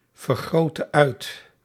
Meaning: inflection of uitvergroten: 1. singular past indicative 2. singular past subjunctive
- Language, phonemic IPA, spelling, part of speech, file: Dutch, /vərˌɣroːtə ˈœy̯t/, vergrootte uit, verb, Nl-vergrootte uit.ogg